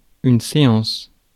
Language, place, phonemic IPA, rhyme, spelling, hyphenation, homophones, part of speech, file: French, Paris, /se.ɑ̃s/, -ɑ̃s, séance, sé‧ance, séances, noun, Fr-séance.ogg
- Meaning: session